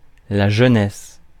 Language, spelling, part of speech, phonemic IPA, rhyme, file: French, jeunesse, noun, /ʒœ.nɛs/, -ɛs, Fr-jeunesse.ogg
- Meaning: youth